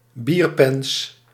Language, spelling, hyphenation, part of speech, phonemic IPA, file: Dutch, bierpens, bier‧pens, noun, /ˈbir.pɛns/, Nl-bierpens.ogg
- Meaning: beer belly, potbelly